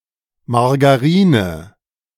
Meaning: margarine
- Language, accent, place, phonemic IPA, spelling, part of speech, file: German, Germany, Berlin, /maʁɡaˈʁiːnə/, Margarine, noun, De-Margarine.ogg